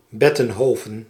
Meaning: Bettincourt, a village in Belgium
- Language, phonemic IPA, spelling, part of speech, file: Dutch, /ˈbɛ.tə(n)ˌɦoːvə(n)/, Bettenhoven, proper noun, Nl-Bettenhoven.ogg